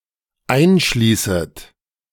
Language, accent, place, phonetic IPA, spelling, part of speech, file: German, Germany, Berlin, [ˈaɪ̯nˌʃliːsət], einschließet, verb, De-einschließet.ogg
- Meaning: second-person plural dependent subjunctive I of einschließen